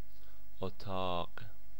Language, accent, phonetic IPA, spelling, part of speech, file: Persian, Iran, [ʔo.t̪ʰɒ́ːɢ̥], اتاق, noun, Fa-اتاق.ogg
- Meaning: room